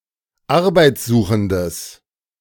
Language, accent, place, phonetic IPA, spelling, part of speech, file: German, Germany, Berlin, [ˈaʁbaɪ̯t͡sˌzuːxn̩dəs], arbeitssuchendes, adjective, De-arbeitssuchendes.ogg
- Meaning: strong/mixed nominative/accusative neuter singular of arbeitssuchend